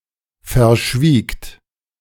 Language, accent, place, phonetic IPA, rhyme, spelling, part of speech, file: German, Germany, Berlin, [fɛɐ̯ˈʃviːkt], -iːkt, verschwiegt, verb, De-verschwiegt.ogg
- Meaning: second-person plural preterite of verschweigen